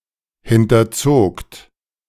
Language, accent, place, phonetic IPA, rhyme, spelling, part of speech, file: German, Germany, Berlin, [ˌhɪntɐˈt͡soːkt], -oːkt, hinterzogt, verb, De-hinterzogt.ogg
- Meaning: second-person plural preterite of hinterziehen